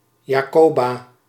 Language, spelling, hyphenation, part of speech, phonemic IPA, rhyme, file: Dutch, Jacoba, Ja‧co‧ba, proper noun, /jaːˈkoː.baː/, -oːbaː, Nl-Jacoba.ogg
- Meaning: 1. a female given name 2. a hamlet in Noord-Beveland, Zeeland, Netherlands